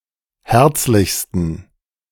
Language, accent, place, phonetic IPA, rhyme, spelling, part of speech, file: German, Germany, Berlin, [ˈhɛʁt͡slɪçstn̩], -ɛʁt͡slɪçstn̩, herzlichsten, adjective, De-herzlichsten.ogg
- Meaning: 1. superlative degree of herzlich 2. inflection of herzlich: strong genitive masculine/neuter singular superlative degree